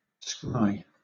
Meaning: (verb) To magically or supernaturally look into or (as an entertainer) predict (the future), using crystal balls or other objects
- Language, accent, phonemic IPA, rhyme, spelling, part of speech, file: English, Southern England, /skɹaɪ/, -aɪ, scry, verb / noun, LL-Q1860 (eng)-scry.wav